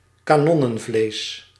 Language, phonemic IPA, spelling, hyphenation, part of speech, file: Dutch, /kaːˈnɔ.nə(n)ˌvleːs/, kanonnenvlees, ka‧non‧nen‧vlees, noun, Nl-kanonnenvlees.ogg
- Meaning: cannonfodder